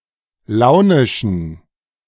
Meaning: inflection of launisch: 1. strong genitive masculine/neuter singular 2. weak/mixed genitive/dative all-gender singular 3. strong/weak/mixed accusative masculine singular 4. strong dative plural
- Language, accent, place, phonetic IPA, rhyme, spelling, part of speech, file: German, Germany, Berlin, [ˈlaʊ̯nɪʃn̩], -aʊ̯nɪʃn̩, launischen, adjective, De-launischen.ogg